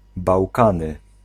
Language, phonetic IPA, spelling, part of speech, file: Polish, [bawˈkãnɨ], Bałkany, proper noun, Pl-Bałkany.ogg